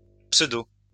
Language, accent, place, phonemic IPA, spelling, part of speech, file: French, France, Lyon, /psø.do/, pseudo, noun, LL-Q150 (fra)-pseudo.wav
- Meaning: a nickname, handle or pseudonym